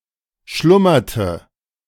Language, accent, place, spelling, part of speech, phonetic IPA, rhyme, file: German, Germany, Berlin, schlummerte, verb, [ˈʃlʊmɐtə], -ʊmɐtə, De-schlummerte.ogg
- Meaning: inflection of schlummern: 1. first/third-person singular preterite 2. first/third-person singular subjunctive II